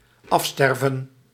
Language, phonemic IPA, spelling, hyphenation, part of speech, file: Dutch, /ˈɑfˌstɛr.və(n)/, afsterven, af‧ster‧ven, verb, Nl-afsterven.ogg
- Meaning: 1. to die off 2. to die out, to die away 3. to decompose